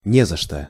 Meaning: 1. Used other than figuratively or idiomatically: see нечего (nečevo), за (za) 2. you're welcome, not at all, don't mention it 3. not worth mentioning, nothing to speak of 4. no problem
- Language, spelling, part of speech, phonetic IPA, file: Russian, не за что, interjection, [ˈnʲe‿zə‿ʂtə], Ru-не за что.ogg